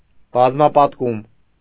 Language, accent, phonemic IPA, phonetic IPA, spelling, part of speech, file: Armenian, Eastern Armenian, /bɑzmɑpɑtˈkum/, [bɑzmɑpɑtkúm], բազմապատկում, noun, Hy-բազմապատկում.ogg
- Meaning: multiplication